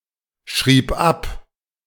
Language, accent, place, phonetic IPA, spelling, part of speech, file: German, Germany, Berlin, [ˌʃʁiːp ˈap], schrieb ab, verb, De-schrieb ab.ogg
- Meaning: first/third-person singular preterite of abschreiben